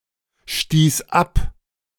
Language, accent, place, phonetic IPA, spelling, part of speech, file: German, Germany, Berlin, [ˌʃtiːs ˈap], stieß ab, verb, De-stieß ab.ogg
- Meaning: first/third-person singular preterite of abstoßen